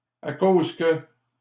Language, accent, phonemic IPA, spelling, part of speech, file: French, Canada, /a koz kə/, à cause que, conjunction, LL-Q150 (fra)-à cause que.wav
- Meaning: because